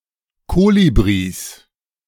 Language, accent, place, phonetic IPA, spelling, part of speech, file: German, Germany, Berlin, [ˈkoːlibʁis], Kolibris, noun, De-Kolibris.ogg
- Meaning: 1. genitive singular of Kolibri 2. nominative plural of Kolibri 3. genitive plural of Kolibri 4. dative plural of Kolibri 5. accusative plural of Kolibri